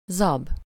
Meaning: oat
- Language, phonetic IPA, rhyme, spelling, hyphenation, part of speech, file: Hungarian, [ˈzɒb], -ɒb, zab, zab, noun, Hu-zab.ogg